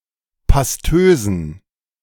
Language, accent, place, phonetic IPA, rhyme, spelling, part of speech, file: German, Germany, Berlin, [pasˈtøːzn̩], -øːzn̩, pastösen, adjective, De-pastösen.ogg
- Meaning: inflection of pastös: 1. strong genitive masculine/neuter singular 2. weak/mixed genitive/dative all-gender singular 3. strong/weak/mixed accusative masculine singular 4. strong dative plural